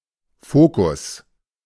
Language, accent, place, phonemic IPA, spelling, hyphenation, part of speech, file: German, Germany, Berlin, /ˈfoːkʊs/, Fokus, Fo‧kus, noun, De-Fokus.ogg
- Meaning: focus